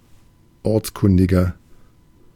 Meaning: 1. comparative degree of ortskundig 2. inflection of ortskundig: strong/mixed nominative masculine singular 3. inflection of ortskundig: strong genitive/dative feminine singular
- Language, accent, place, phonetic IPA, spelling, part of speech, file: German, Germany, Berlin, [ˈɔʁt͡sˌkʊndɪɡɐ], ortskundiger, adjective, De-ortskundiger.ogg